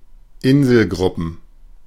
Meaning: plural of Inselgruppe
- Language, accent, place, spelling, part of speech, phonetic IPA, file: German, Germany, Berlin, Inselgruppen, noun, [ˈɪnzl̩ˌɡʁʊpn̩], De-Inselgruppen.ogg